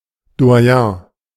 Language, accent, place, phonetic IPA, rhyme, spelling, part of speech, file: German, Germany, Berlin, [do̯aˈjɛ̃ː], -ɛ̃ː, Doyen, noun, De-Doyen.ogg
- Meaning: most senior representative of a certain group, usually in diplomacy, academia or performing arts, doyen